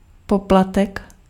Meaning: fee
- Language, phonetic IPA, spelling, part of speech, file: Czech, [ˈpoplatɛk], poplatek, noun, Cs-poplatek.ogg